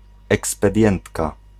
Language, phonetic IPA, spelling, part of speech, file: Polish, [ˌɛkspɛˈdʲjɛ̃ntka], ekspedientka, noun, Pl-ekspedientka.ogg